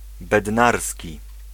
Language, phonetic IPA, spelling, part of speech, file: Polish, [bɛdˈnarsʲci], bednarski, adjective, Pl-bednarski.ogg